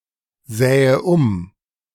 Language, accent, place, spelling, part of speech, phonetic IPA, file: German, Germany, Berlin, sähe um, verb, [ˌzɛːə ˈʊm], De-sähe um.ogg
- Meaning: first/third-person singular subjunctive II of umsehen